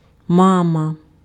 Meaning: mama, mummy, mom, ma
- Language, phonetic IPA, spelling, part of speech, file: Ukrainian, [ˈmamɐ], мама, noun, Uk-мама.ogg